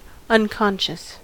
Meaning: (adjective) 1. Not awake; having no awareness (usually as the result of a head injury) 2. Without directed thought or awareness 3. engaged in skilled performance without conscious control
- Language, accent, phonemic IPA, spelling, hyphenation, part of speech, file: English, US, /ˌʌnˈkɑnʃəs/, unconscious, un‧con‧scious, adjective / noun, En-us-unconscious.ogg